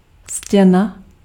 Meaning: wall
- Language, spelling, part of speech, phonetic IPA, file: Czech, stěna, noun, [ˈscɛna], Cs-stěna.ogg